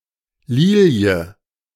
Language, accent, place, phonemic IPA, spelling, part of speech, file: German, Germany, Berlin, /ˈliːli̯ə/, Lilie, noun, De-Lilie.ogg
- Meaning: 1. lily, lilium (flower) 2. fleur-de-lis